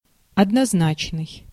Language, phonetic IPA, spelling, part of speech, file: Russian, [ɐdnɐzˈnat͡ɕnɨj], однозначный, adjective, Ru-однозначный.ogg
- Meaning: 1. synonymous 2. having only one meaning 3. single-digit 4. unambiguous, unequivocal, explicit 5. straightforward